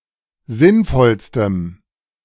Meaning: strong dative masculine/neuter singular superlative degree of sinnvoll
- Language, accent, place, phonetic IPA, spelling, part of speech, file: German, Germany, Berlin, [ˈzɪnˌfɔlstəm], sinnvollstem, adjective, De-sinnvollstem.ogg